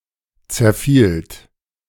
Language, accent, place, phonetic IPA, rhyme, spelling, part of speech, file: German, Germany, Berlin, [t͡sɛɐ̯ˈfiːlt], -iːlt, zerfielt, verb, De-zerfielt.ogg
- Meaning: second-person plural preterite of zerfallen